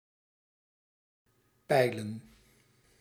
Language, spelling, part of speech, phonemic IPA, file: Dutch, pijlen, noun, /ˈpɛilə(n)/, Nl-pijlen.ogg
- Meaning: plural of pijl